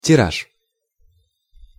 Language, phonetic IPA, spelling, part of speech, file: Russian, [tʲɪˈraʂ], тираж, noun, Ru-тираж.ogg
- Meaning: 1. number of printed copies 2. circulation (of a periodical) 3. drawing (of a lottery)